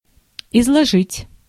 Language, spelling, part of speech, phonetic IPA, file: Russian, изложить, verb, [ɪzɫɐˈʐɨtʲ], Ru-изложить.ogg
- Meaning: to expound, to explain, to state, to set forth, to relate, to retell